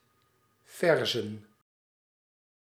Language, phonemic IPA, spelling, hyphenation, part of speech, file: Dutch, /ˈvɛr.zə(n)/, verzen, ver‧zen, noun, Nl-verzen.ogg
- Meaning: 1. heel 2. plural of vers